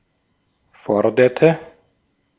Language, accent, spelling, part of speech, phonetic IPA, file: German, Austria, forderte, verb, [ˈfɔɐ̯dɐtə], De-at-forderte.ogg
- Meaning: inflection of fordern: 1. first/third-person singular preterite 2. first/third-person singular subjunctive II